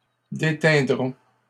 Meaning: first-person plural simple future of déteindre
- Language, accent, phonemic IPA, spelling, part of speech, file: French, Canada, /de.tɛ̃.dʁɔ̃/, déteindrons, verb, LL-Q150 (fra)-déteindrons.wav